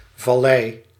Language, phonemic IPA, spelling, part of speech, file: Dutch, /vɑˈlɛɪ/, vallei, noun, Nl-vallei.ogg
- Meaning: valley